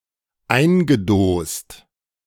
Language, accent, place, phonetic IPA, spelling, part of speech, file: German, Germany, Berlin, [ˈaɪ̯nɡəˌdoːst], eingedost, verb, De-eingedost.ogg
- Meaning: past participle of eindosen